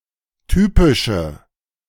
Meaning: inflection of typisch: 1. strong/mixed nominative/accusative feminine singular 2. strong nominative/accusative plural 3. weak nominative all-gender singular 4. weak accusative feminine/neuter singular
- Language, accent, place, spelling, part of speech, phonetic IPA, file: German, Germany, Berlin, typische, adjective, [ˈtyːpɪʃə], De-typische.ogg